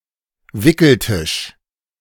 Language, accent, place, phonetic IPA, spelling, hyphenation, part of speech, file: German, Germany, Berlin, [ˈvɪkl̩ˌtɪʃ], Wickeltisch, Wi‧ckel‧tisch, noun, De-Wickeltisch.ogg
- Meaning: changing table